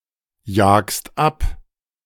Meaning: second-person singular present of abjagen
- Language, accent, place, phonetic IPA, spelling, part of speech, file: German, Germany, Berlin, [ˌjaːkst ˈap], jagst ab, verb, De-jagst ab.ogg